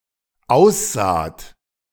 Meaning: second-person plural dependent preterite of aussehen
- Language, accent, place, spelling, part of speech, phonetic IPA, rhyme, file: German, Germany, Berlin, aussaht, verb, [ˈaʊ̯sˌzaːt], -aʊ̯szaːt, De-aussaht.ogg